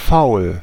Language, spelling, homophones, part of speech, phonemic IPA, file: German, faul, Foul, adjective, /faʊ̯l/, De-faul.ogg
- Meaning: 1. foul, rotten, rancid 2. lazy